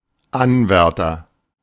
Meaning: 1. candidate (of male or unspecified sex) 2. pretender (of male or unspecified sex) 3. The lowest rank of Nazi Party membership from 1939 to 1945
- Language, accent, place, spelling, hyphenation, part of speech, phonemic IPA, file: German, Germany, Berlin, Anwärter, An‧wär‧ter, noun, /ˈanˌvɛʁtɐ/, De-Anwärter.ogg